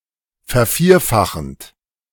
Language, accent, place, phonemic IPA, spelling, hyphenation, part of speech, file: German, Germany, Berlin, /fɛɐ̯ˈfiːɐ̯ˌfaxənt/, vervierfachend, ver‧vier‧fa‧chend, verb, De-vervierfachend.ogg
- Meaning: present participle of vervierfachen